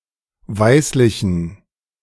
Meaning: inflection of weißlich: 1. strong genitive masculine/neuter singular 2. weak/mixed genitive/dative all-gender singular 3. strong/weak/mixed accusative masculine singular 4. strong dative plural
- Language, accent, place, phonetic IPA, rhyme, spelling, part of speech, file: German, Germany, Berlin, [ˈvaɪ̯slɪçn̩], -aɪ̯slɪçn̩, weißlichen, adjective, De-weißlichen.ogg